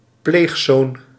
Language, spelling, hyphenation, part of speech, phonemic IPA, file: Dutch, pleegzoon, pleeg‧zoon, noun, /ˈpleːx.zoːn/, Nl-pleegzoon.ogg
- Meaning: a foster son, a male foster child, boy who is raised in a non-parent's family